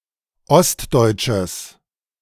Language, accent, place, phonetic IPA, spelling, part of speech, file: German, Germany, Berlin, [ˈɔstˌdɔɪ̯tʃəs], ostdeutsches, adjective, De-ostdeutsches.ogg
- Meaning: strong/mixed nominative/accusative neuter singular of ostdeutsch